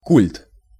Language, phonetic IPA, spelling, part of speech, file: Russian, [kulʲt], культ, noun, Ru-культ.ogg
- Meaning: cult, the social movement and practices associated with the admiration or worship of something